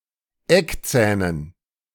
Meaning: dative plural of Eckzahn
- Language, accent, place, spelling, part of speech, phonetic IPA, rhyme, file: German, Germany, Berlin, Eckzähnen, noun, [ˈɛkˌt͡sɛːnən], -ɛkt͡sɛːnən, De-Eckzähnen.ogg